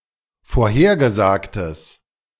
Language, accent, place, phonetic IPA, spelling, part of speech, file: German, Germany, Berlin, [foːɐ̯ˈheːɐ̯ɡəˌzaːktəs], vorhergesagtes, adjective, De-vorhergesagtes.ogg
- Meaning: strong/mixed nominative/accusative neuter singular of vorhergesagt